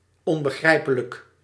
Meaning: unintelligible, incomprehensible
- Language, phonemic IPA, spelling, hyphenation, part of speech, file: Dutch, /ˌɔm.bəˈɣrɛi̯.pə.lək/, onbegrijpelijk, on‧be‧grij‧pe‧lijk, adjective, Nl-onbegrijpelijk.ogg